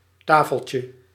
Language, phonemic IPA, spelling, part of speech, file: Dutch, /ˈtafəɫcjə/, tafeltje, noun, Nl-tafeltje.ogg
- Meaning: diminutive of tafel